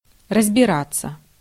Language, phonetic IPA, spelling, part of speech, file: Russian, [rəzbʲɪˈrat͡sːə], разбираться, verb, Ru-разбираться.ogg
- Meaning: 1. to deal with, to sort out 2. to understand, to see into, to work with 3. to figure out, to work out 4. passive of разбира́ть (razbirátʹ)